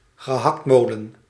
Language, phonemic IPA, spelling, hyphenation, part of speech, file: Dutch, /ɣəˈɦɑktˌmoː.lə(n)/, gehaktmolen, ge‧hakt‧mol‧en, noun, Nl-gehaktmolen.ogg
- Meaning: meatgrinder, mincer (kitchen appliance for meat mincing)